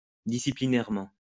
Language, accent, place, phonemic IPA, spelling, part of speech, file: French, France, Lyon, /di.si.pli.nɛʁ.mɑ̃/, disciplinairement, adverb, LL-Q150 (fra)-disciplinairement.wav
- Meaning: disciplinarily